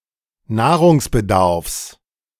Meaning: dietary supplement
- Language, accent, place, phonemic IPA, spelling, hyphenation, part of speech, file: German, Germany, Berlin, /ˈnaːʁʊŋsʔɛɐ̯ɡɛnt͡sʊŋsˌmɪtl̩/, Nahrungsergänzungsmittel, Nah‧rungs‧er‧gän‧zungs‧mit‧tel, noun, De-Nahrungsergänzungsmittel.ogg